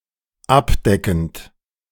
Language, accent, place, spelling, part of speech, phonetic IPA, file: German, Germany, Berlin, abdeckend, verb, [ˈapˌdɛkn̩t], De-abdeckend.ogg
- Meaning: present participle of abdecken